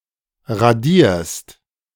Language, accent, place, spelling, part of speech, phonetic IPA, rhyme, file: German, Germany, Berlin, radierst, verb, [ʁaˈdiːɐ̯st], -iːɐ̯st, De-radierst.ogg
- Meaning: second-person singular present of radieren